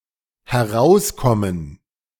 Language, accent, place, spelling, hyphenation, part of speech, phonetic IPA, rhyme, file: German, Germany, Berlin, herauskommen, he‧r‧aus‧kom‧men, verb, [hɛˈʁaʊ̯sˌkɔmən], -aʊ̯skɔmən, De-herauskommen.ogg
- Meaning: to come out (motion towards the speaker)